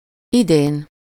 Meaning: this year
- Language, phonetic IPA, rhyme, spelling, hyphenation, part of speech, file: Hungarian, [ˈideːn], -eːn, idén, idén, adverb, Hu-idén.ogg